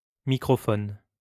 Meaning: microphone
- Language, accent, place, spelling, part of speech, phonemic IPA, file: French, France, Lyon, microphone, noun, /mi.kʁɔ.fɔn/, LL-Q150 (fra)-microphone.wav